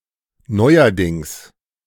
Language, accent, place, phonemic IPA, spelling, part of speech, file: German, Germany, Berlin, /ˈnɔɪ̯ɐdɪŋs/, neuerdings, adverb, De-neuerdings.ogg
- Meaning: 1. lately 2. again